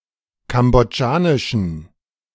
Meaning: inflection of kambodschanisch: 1. strong genitive masculine/neuter singular 2. weak/mixed genitive/dative all-gender singular 3. strong/weak/mixed accusative masculine singular 4. strong dative plural
- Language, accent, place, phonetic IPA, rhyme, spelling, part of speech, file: German, Germany, Berlin, [ˌkamboˈd͡ʒaːnɪʃn̩], -aːnɪʃn̩, kambodschanischen, adjective, De-kambodschanischen.ogg